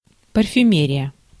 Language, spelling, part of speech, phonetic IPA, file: Russian, парфюмерия, noun, [pərfʲʉˈmʲerʲɪjə], Ru-парфюмерия.ogg
- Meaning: perfumery